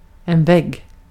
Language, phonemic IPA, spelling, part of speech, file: Swedish, /vɛɡ/, vägg, noun, Sv-vägg.ogg
- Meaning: a wall (substantial structure acting as side or division in a building)